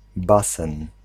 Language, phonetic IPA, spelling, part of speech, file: Polish, [ˈbasɛ̃n], basen, noun, Pl-basen.ogg